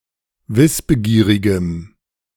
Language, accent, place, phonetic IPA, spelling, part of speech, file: German, Germany, Berlin, [ˈvɪsbəˌɡiːʁɪɡəm], wissbegierigem, adjective, De-wissbegierigem.ogg
- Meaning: strong dative masculine/neuter singular of wissbegierig